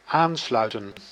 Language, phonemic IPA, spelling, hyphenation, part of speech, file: Dutch, /ˈaːnslœy̯tə(n)/, aansluiten, aan‧slui‧ten, verb, Nl-aansluiten.ogg
- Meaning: 1. to connect 2. to install 3. to fit, to join up, to connect, to interface 4. to join (a group) 5. to fit or join seamlessly